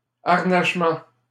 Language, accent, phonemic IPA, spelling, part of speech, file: French, Canada, /aʁ.naʃ.mɑ̃/, harnachement, noun, LL-Q150 (fra)-harnachement.wav
- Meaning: 1. harness 2. trappings